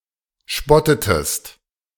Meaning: inflection of spotten: 1. second-person singular preterite 2. second-person singular subjunctive II
- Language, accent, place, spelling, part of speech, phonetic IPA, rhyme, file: German, Germany, Berlin, spottetest, verb, [ˈʃpɔtətəst], -ɔtətəst, De-spottetest.ogg